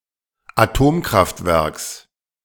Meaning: genitive singular of Atomkraftwerk
- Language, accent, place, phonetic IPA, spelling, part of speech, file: German, Germany, Berlin, [aˈtoːmkʁaftˌvɛʁks], Atomkraftwerks, noun, De-Atomkraftwerks.ogg